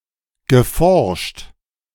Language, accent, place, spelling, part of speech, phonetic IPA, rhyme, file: German, Germany, Berlin, geforscht, verb, [ɡəˈfɔʁʃt], -ɔʁʃt, De-geforscht.ogg
- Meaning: past participle of forschen